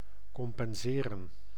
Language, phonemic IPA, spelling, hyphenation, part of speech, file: Dutch, /ˌkɔmpɛnˈzeːrə(n)/, compenseren, com‧pen‧se‧ren, verb, Nl-compenseren.ogg
- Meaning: to compensate